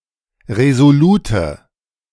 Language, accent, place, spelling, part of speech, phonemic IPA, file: German, Germany, Berlin, resolute, adjective, /ʁezoˈluːtə/, De-resolute.ogg
- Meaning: inflection of resolut: 1. strong/mixed nominative/accusative feminine singular 2. strong nominative/accusative plural 3. weak nominative all-gender singular 4. weak accusative feminine/neuter singular